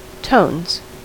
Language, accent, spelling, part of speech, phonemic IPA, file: English, US, tones, noun / verb, /toʊnz/, En-us-tones.ogg
- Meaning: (noun) plural of tone; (verb) third-person singular simple present indicative of tone